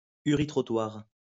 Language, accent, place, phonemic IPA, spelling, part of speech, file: French, France, Lyon, /y.ʁi.tʁɔ.twaʁ/, uritrottoir, noun, LL-Q150 (fra)-uritrottoir.wav
- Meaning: a street urinal allowing men to urinate onto straw that becomes a form of compost